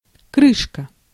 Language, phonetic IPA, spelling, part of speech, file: Russian, [ˈkrɨʂkə], крышка, noun, Ru-крышка.ogg
- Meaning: 1. cover, lid 2. death, ruin, end